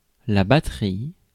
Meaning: 1. battery 2. percussion, drum kit, battery/batterie 3. battery (electricity storing device) 4. batterie
- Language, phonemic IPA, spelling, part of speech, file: French, /ba.tʁi/, batterie, noun, Fr-batterie.ogg